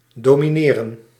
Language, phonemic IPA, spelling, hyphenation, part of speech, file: Dutch, /doːmiˈneːrə(n)/, domineren, do‧mi‧ne‧ren, verb, Nl-domineren.ogg
- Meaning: to dominate